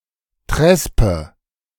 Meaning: cheat grass; bromegrass; chess (kind of grass growing in fields of corn or grain)
- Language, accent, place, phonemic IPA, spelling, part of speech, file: German, Germany, Berlin, /ˈtʁɛspə/, Trespe, noun, De-Trespe.ogg